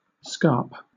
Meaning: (noun) 1. The steep artificial slope below a fort's parapet 2. A cliff at the edge of a plateau or ridge caused by erosion or faulting; the steeper side of an escarpment
- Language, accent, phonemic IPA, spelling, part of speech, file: English, Southern England, /skɑːp/, scarp, noun / verb, LL-Q1860 (eng)-scarp.wav